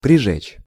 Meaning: 1. to burn (by touching something hot) 2. to cauterize 3. to slightly burn
- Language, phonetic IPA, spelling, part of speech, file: Russian, [prʲɪˈʐɛt͡ɕ], прижечь, verb, Ru-прижечь.ogg